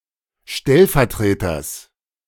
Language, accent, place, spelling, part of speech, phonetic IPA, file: German, Germany, Berlin, Stellvertreters, noun, [ˈʃtɛlfɛɐ̯ˌtʁeːtɐs], De-Stellvertreters.ogg
- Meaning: genitive singular of Stellvertreter